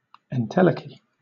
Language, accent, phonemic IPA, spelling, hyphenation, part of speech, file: English, Southern England, /ɛnˈtɛləki/, entelechy, en‧tel‧e‧chy, noun, LL-Q1860 (eng)-entelechy.wav
- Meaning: The complete realisation and final form of some potential concept or function; the conditions under which a potential thing becomes actualized